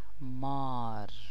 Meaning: 1. snake 2. serpent
- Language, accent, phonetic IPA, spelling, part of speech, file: Persian, Iran, [mɒːɹ], مار, noun, Fa-مار.ogg